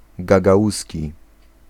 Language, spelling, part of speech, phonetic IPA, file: Polish, gagauski, adjective / noun, [ɡaɡaˈʷusʲci], Pl-gagauski.ogg